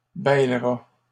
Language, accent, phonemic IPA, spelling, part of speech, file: French, Canada, /bɛl.ʁa/, bêlera, verb, LL-Q150 (fra)-bêlera.wav
- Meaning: third-person singular simple future of bêler